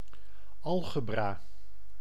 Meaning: algebra
- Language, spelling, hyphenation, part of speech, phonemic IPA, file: Dutch, algebra, al‧ge‧bra, noun, /ˈɑl.ɣəˌbraː/, Nl-algebra.ogg